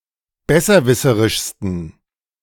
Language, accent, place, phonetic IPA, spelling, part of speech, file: German, Germany, Berlin, [ˈbɛsɐˌvɪsəʁɪʃstn̩], besserwisserischsten, adjective, De-besserwisserischsten.ogg
- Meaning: 1. superlative degree of besserwisserisch 2. inflection of besserwisserisch: strong genitive masculine/neuter singular superlative degree